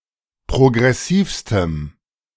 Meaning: strong dative masculine/neuter singular superlative degree of progressiv
- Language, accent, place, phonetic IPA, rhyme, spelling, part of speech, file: German, Germany, Berlin, [pʁoɡʁɛˈsiːfstəm], -iːfstəm, progressivstem, adjective, De-progressivstem.ogg